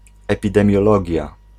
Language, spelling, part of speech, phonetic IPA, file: Polish, epidemiologia, noun, [ˌɛpʲidɛ̃mʲjɔˈlɔɟja], Pl-epidemiologia.ogg